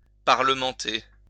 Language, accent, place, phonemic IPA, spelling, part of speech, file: French, France, Lyon, /paʁ.lə.mɑ̃.te/, parlementer, verb, LL-Q150 (fra)-parlementer.wav
- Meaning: to negotiate, discuss, parley, argue things over